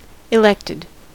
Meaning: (verb) simple past and past participle of elect; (noun) One who is elected
- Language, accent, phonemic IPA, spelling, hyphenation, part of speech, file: English, US, /ɪˈlɛktɪd/, elected, elect‧ed, verb / noun, En-us-elected.ogg